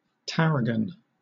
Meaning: 1. A perennial herb, the wormwood species Artemisia dracunculus, from Europe and parts of Asia 2. The leaves of this plant (either fresh, or preserved in a vinegar/oil mixture) used as a seasoning
- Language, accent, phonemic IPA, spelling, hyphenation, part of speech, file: English, Southern England, /ˈtæɹəɡən/, tarragon, tar‧ra‧gon, noun, LL-Q1860 (eng)-tarragon.wav